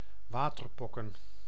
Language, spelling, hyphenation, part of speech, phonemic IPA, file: Dutch, waterpokken, wa‧ter‧pok‧ken, noun, /ˈʋaːtərˌpɔkə(n)/, Nl-waterpokken.ogg
- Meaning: chicken pox